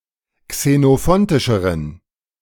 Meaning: inflection of xenophontisch: 1. strong genitive masculine/neuter singular comparative degree 2. weak/mixed genitive/dative all-gender singular comparative degree
- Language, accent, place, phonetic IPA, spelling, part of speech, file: German, Germany, Berlin, [ksenoˈfɔntɪʃəʁən], xenophontischeren, adjective, De-xenophontischeren.ogg